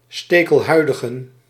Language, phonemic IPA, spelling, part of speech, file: Dutch, /ˌstekəlˈhœydəɣə(n)/, stekelhuidigen, noun, Nl-stekelhuidigen.ogg
- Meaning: plural of stekelhuidige